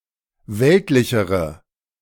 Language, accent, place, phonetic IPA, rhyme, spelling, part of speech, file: German, Germany, Berlin, [ˈvɛltlɪçəʁə], -ɛltlɪçəʁə, weltlichere, adjective, De-weltlichere.ogg
- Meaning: inflection of weltlich: 1. strong/mixed nominative/accusative feminine singular comparative degree 2. strong nominative/accusative plural comparative degree